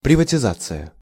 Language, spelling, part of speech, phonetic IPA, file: Russian, приватизация, noun, [prʲɪvətʲɪˈzat͡sɨjə], Ru-приватизация.ogg
- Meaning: privatization